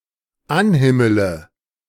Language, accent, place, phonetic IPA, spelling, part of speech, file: German, Germany, Berlin, [ˈanˌhɪmələ], anhimmele, verb, De-anhimmele.ogg
- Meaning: inflection of anhimmeln: 1. first-person singular dependent present 2. first/third-person singular dependent subjunctive I